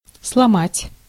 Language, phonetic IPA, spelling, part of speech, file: Russian, [sɫɐˈmatʲ], сломать, verb, Ru-сломать.ogg
- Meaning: 1. to break, to fracture 2. to demolish, to pull down (a house) 3. to destroy, to break down, to ruin